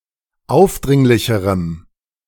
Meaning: strong dative masculine/neuter singular comparative degree of aufdringlich
- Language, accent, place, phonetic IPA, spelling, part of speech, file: German, Germany, Berlin, [ˈaʊ̯fˌdʁɪŋlɪçəʁəm], aufdringlicherem, adjective, De-aufdringlicherem.ogg